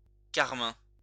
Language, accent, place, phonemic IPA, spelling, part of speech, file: French, France, Lyon, /kaʁ.mɛ̃/, carmin, adjective / noun, LL-Q150 (fra)-carmin.wav
- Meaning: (adjective) carmine, crimson (having a deep, slightly bluish red colour); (noun) cochineal, carmine (red dye made from the bodies of cochineal insects)